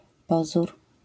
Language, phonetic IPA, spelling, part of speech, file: Polish, [ˈpɔzur], pozór, noun, LL-Q809 (pol)-pozór.wav